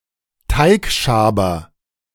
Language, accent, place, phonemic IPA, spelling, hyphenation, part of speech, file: German, Germany, Berlin, /ˈtaɪ̯kˌʃaːbɐ/, Teigschaber, Teig‧scha‧ber, noun, De-Teigschaber.ogg
- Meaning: spatula, dough scraper